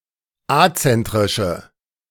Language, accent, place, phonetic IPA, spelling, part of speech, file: German, Germany, Berlin, [ˈat͡sɛntʁɪʃə], azentrische, adjective, De-azentrische.ogg
- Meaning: inflection of azentrisch: 1. strong/mixed nominative/accusative feminine singular 2. strong nominative/accusative plural 3. weak nominative all-gender singular